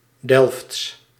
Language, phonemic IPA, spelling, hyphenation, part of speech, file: Dutch, /dɛlfts/, Delfts, Delfts, adjective, Nl-Delfts.ogg
- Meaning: of or from Delft